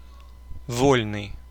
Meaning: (adjective) 1. free 2. free, available, at liberty 3. unrestricted 4. free-style 5. familiar, impudent; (noun) free man
- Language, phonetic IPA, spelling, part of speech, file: Russian, [ˈvolʲnɨj], вольный, adjective / noun, Ru-вольный.ogg